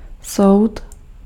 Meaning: 1. court (organ of justice) 2. judgment
- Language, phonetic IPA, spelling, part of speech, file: Czech, [ˈsou̯t], soud, noun, Cs-soud.ogg